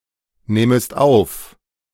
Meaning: second-person singular subjunctive II of aufnehmen
- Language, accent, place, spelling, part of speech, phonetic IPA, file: German, Germany, Berlin, nähmest auf, verb, [ˌnɛːməst ˈaʊ̯f], De-nähmest auf.ogg